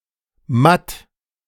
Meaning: 1. dull (not shiny) 2. exhausted, weak, feeble (not lively, vigorous, energetic)
- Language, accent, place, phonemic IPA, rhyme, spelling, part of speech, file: German, Germany, Berlin, /mat/, -at, matt, adjective, De-matt.ogg